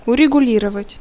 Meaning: to settle, to adjust
- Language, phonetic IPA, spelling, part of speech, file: Russian, [ʊrʲɪɡʊˈlʲirəvətʲ], урегулировать, verb, Ru-урегулировать.ogg